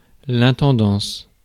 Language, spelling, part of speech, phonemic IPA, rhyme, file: French, intendance, noun, /ɛ̃.tɑ̃.dɑ̃s/, -ɑ̃s, Fr-intendance.ogg
- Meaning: 1. stewardship 2. supply corps